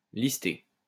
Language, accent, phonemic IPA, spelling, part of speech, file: French, France, /lis.te/, lister, verb, LL-Q150 (fra)-lister.wav
- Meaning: list (to create a list)